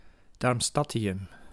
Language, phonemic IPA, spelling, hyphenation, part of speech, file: Dutch, /ˌdɑrmˈstɑ.ti.ʏm/, darmstadtium, darm‧stad‧ti‧um, noun, Nl-darmstadtium.ogg
- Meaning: darmstadtium